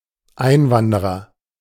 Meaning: immigrant (male or of unspecified gender)
- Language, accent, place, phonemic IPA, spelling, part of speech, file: German, Germany, Berlin, /ˈʔaɪ̯nˌvandəʁɐ/, Einwanderer, noun, De-Einwanderer.ogg